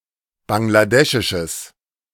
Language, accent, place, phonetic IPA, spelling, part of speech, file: German, Germany, Berlin, [ˌbaŋlaˈdɛʃɪʃəs], bangladeschisches, adjective, De-bangladeschisches.ogg
- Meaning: strong/mixed nominative/accusative neuter singular of bangladeschisch